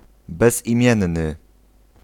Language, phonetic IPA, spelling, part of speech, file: Polish, [ˌbɛzʲĩˈmʲjɛ̃nːɨ], bezimienny, adjective, Pl-bezimienny.ogg